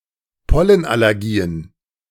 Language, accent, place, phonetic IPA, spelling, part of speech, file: German, Germany, Berlin, [ˈpɔlənʔalɛʁˌɡiːən], Pollenallergien, noun, De-Pollenallergien.ogg
- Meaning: plural of Pollenallergie